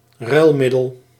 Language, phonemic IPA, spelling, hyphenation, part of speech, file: Dutch, /ˈrœy̯lˌmɪ.dəl/, ruilmiddel, ruil‧mid‧del, noun, Nl-ruilmiddel.ogg
- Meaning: currency, medium of exchange